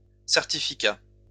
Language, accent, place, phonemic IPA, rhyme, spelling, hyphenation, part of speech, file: French, France, Lyon, /sɛʁ.ti.fi.ka/, -a, certificats, cer‧ti‧fi‧cats, noun, LL-Q150 (fra)-certificats.wav
- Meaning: plural of certificat